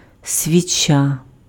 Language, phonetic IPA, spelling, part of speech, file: Ukrainian, [sʲʋʲiˈt͡ʃa], свіча, noun, Uk-свіча.ogg
- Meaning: candle